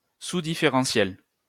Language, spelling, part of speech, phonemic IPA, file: French, différentiel, noun / adjective, /di.fe.ʁɑ̃.sjɛl/, LL-Q150 (fra)-différentiel.wav
- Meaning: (noun) 1. differential (qualitative or quantitative difference between similar things) 2. a differential gear 3. plus-minus; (adjective) differential